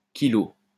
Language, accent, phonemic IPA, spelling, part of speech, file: French, France, /ki.lo/, kilo, noun, LL-Q150 (fra)-kilo.wav
- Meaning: 1. kilo 2. a large quantity